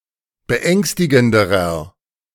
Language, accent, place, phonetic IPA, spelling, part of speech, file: German, Germany, Berlin, [bəˈʔɛŋstɪɡn̩dəʁɐ], beängstigenderer, adjective, De-beängstigenderer.ogg
- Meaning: inflection of beängstigend: 1. strong/mixed nominative masculine singular comparative degree 2. strong genitive/dative feminine singular comparative degree 3. strong genitive plural comparative degree